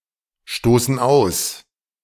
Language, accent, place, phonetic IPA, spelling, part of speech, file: German, Germany, Berlin, [ˌʃtoːsn̩ ˈaʊ̯s], stoßen aus, verb, De-stoßen aus.ogg
- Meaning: inflection of ausstoßen: 1. first/third-person plural present 2. first/third-person plural subjunctive I